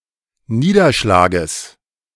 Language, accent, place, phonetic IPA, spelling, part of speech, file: German, Germany, Berlin, [ˈniːdɐˌʃlaːɡəs], Niederschlages, noun, De-Niederschlages.ogg
- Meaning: genitive singular of Niederschlag